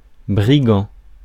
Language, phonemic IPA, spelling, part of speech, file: French, /bʁi.ɡɑ̃/, brigand, noun / adjective, Fr-brigand.ogg
- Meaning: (noun) thief; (adjective) mischievous